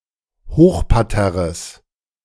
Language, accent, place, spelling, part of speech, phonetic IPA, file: German, Germany, Berlin, Hochparterres, noun, [ˈhoːxpaʁˌtɛʁəs], De-Hochparterres.ogg
- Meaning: plural of Hochparterre